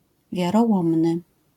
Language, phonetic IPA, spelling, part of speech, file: Polish, [ˌvʲjarɔˈwɔ̃mnɨ], wiarołomny, adjective / noun, LL-Q809 (pol)-wiarołomny.wav